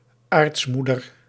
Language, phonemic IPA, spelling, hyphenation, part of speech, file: Dutch, /ˈaːrtsˌmu.dər/, aartsmoeder, aarts‧moe‧der, noun, Nl-aartsmoeder.ogg
- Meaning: matriarch